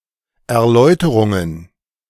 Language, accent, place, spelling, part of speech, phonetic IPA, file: German, Germany, Berlin, Erläuterungen, noun, [ɛɐ̯ˈlɔɪ̯təʁʊŋən], De-Erläuterungen.ogg
- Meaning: plural of Erläuterung